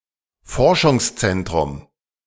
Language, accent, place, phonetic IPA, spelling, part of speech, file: German, Germany, Berlin, [ˈfɔʁʃʊŋsˌt͡sɛntʁʊm], Forschungszentrum, noun, De-Forschungszentrum.ogg
- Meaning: research centre